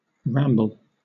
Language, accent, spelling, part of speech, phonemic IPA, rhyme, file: English, Southern England, ramble, noun / verb, /ˈɹæmbəl/, -æmbəl, LL-Q1860 (eng)-ramble.wav
- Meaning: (noun) 1. A leisurely stroll; a recreational walk in the countryside 2. A rambling; an instance of someone talking at length without direction 3. A bed of shale over the seam of coal